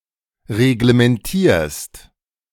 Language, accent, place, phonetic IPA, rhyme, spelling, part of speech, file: German, Germany, Berlin, [ʁeɡləmɛnˈtiːɐ̯st], -iːɐ̯st, reglementierst, verb, De-reglementierst.ogg
- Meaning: second-person singular present of reglementieren